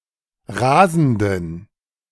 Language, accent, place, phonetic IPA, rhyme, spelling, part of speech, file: German, Germany, Berlin, [ˈʁaːzn̩dən], -aːzn̩dən, rasenden, adjective, De-rasenden.ogg
- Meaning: inflection of rasend: 1. strong genitive masculine/neuter singular 2. weak/mixed genitive/dative all-gender singular 3. strong/weak/mixed accusative masculine singular 4. strong dative plural